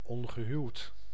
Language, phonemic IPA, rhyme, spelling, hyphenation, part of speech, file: Dutch, /ˌɔŋ.ɣəˈɦyu̯t/, -yu̯t, ongehuwd, on‧ge‧huwd, adjective, Nl-ongehuwd.ogg
- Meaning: unmarried, single, having no spouse